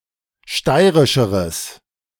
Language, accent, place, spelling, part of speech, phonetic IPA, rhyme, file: German, Germany, Berlin, steirischeres, adjective, [ˈʃtaɪ̯ʁɪʃəʁəs], -aɪ̯ʁɪʃəʁəs, De-steirischeres.ogg
- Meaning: strong/mixed nominative/accusative neuter singular comparative degree of steirisch